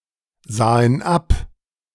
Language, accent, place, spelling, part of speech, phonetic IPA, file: German, Germany, Berlin, sahen ab, verb, [ˌzaːən ˈap], De-sahen ab.ogg
- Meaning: first/third-person plural preterite of absehen